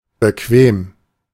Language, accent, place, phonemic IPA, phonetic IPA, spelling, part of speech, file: German, Germany, Berlin, /bəˈkveːm/, [bəˈkʋeːm], bequem, adjective, De-bequem.ogg
- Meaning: 1. comfortable, convenient 2. relaxed, easy (avoiding difficulties, effort, work) 3. suitable, fit